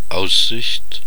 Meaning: scenery, view, outlook (also figuratively)
- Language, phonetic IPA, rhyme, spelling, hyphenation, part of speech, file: German, [ˈaʊ̯szɪçt͡], -ɪçt, Aussicht, Aus‧sicht, noun, De-Aussicht.ogg